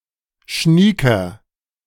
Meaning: 1. comparative degree of schnieke 2. inflection of schnieke: strong/mixed nominative masculine singular 3. inflection of schnieke: strong genitive/dative feminine singular
- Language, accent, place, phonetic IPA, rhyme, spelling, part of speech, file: German, Germany, Berlin, [ˈʃniːkɐ], -iːkɐ, schnieker, adjective, De-schnieker.ogg